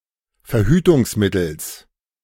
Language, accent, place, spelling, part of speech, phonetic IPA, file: German, Germany, Berlin, Verhütungsmittels, noun, [fɛɐ̯ˈhyːtʊŋsˌmɪtl̩s], De-Verhütungsmittels.ogg
- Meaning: genitive singular of Verhütungsmittel